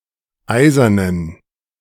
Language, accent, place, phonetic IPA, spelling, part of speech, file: German, Germany, Berlin, [ˈaɪ̯zɐnən], eisernen, adjective, De-eisernen.ogg
- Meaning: inflection of eisern: 1. strong genitive masculine/neuter singular 2. weak/mixed genitive/dative all-gender singular 3. strong/weak/mixed accusative masculine singular 4. strong dative plural